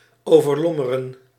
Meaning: to overshadow, to adumbrate
- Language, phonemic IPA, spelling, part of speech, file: Dutch, /ˌoː.vərˈlɔ.mə.rə(n)/, overlommeren, verb, Nl-overlommeren.ogg